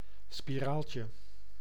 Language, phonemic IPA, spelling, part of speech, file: Dutch, /spiˈralcə/, spiraaltje, noun, Nl-spiraaltje.ogg
- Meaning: diminutive of spiraal